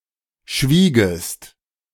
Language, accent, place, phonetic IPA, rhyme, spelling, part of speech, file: German, Germany, Berlin, [ˈʃviːɡəst], -iːɡəst, schwiegest, verb, De-schwiegest.ogg
- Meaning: second-person singular subjunctive II of schweigen